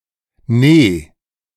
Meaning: alternative form of nein (“no”)
- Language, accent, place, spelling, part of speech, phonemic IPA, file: German, Germany, Berlin, nee, interjection, /neː/, De-nee.ogg